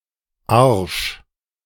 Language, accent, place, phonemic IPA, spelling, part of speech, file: German, Germany, Berlin, /arʃ/, Arsch, noun, De-Arsch2.ogg
- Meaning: 1. arse, posterior, buttocks 2. arse (mean or despicable person)